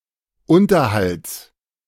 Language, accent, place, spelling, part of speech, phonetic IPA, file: German, Germany, Berlin, Unterhalts, noun, [ˈʊntɐhalt͡s], De-Unterhalts.ogg
- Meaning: genitive of Unterhalt